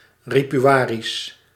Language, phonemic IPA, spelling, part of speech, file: Dutch, /ripyˈaːris/, Ripuarisch, adjective / proper noun, Nl-Ripuarisch.ogg
- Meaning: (adjective) 1. belonging or relating to the Ripuarian Franks 2. in or relating to the Ripuarian dialect; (proper noun) Ripuarian, the West Germanic dialect of the abovementioned Frankish tribes